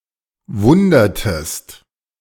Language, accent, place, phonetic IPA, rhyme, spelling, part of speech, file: German, Germany, Berlin, [ˈvʊndɐtəst], -ʊndɐtəst, wundertest, verb, De-wundertest.ogg
- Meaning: inflection of wundern: 1. second-person singular preterite 2. second-person singular subjunctive II